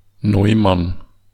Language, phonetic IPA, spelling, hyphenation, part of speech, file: German, [ˈnɔɪ̯man], Neumann, Neu‧mann, proper noun, De-Neumann.ogg
- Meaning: a surname